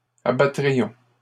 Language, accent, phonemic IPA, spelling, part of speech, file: French, Canada, /a.ba.tʁi.jɔ̃/, abattrions, verb, LL-Q150 (fra)-abattrions.wav
- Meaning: first-person plural conditional of abattre